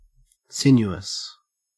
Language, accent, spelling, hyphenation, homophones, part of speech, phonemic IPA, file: English, Australia, sinuous, sin‧u‧ous, sinewous, adjective, /ˈsɪn.ju.əs/, En-au-sinuous.ogg
- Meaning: 1. Having curves in alternate directions; meandering 2. Moving gracefully and in a supple manner 3. Morally crooked; shifty